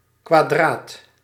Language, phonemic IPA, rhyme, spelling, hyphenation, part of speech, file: Dutch, /kʋaːˈdraːt/, -aːt, kwadraat, kwa‧draat, adjective / noun, Nl-kwadraat.ogg
- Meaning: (adjective) squared; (noun) square – of a number